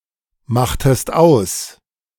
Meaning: inflection of ausmachen: 1. second-person singular preterite 2. second-person singular subjunctive II
- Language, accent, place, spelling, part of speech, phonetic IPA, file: German, Germany, Berlin, machtest aus, verb, [ˌmaxtəst ˈaʊ̯s], De-machtest aus.ogg